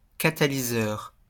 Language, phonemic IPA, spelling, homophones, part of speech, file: French, /ka.ta.li.zœʁ/, catalyseur, catalyseurs, adjective / noun, LL-Q150 (fra)-catalyseur.wav
- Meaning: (adjective) catalytic; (noun) catalyst